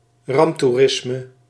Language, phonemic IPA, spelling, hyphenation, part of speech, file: Dutch, /ˈrɑmp.tuˌrɪs.mə/, ramptoerisme, ramp‧toe‧ris‧me, noun, Nl-ramptoerisme.ogg
- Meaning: disaster tourism (tourism in a disaster area, usually out of curiosity)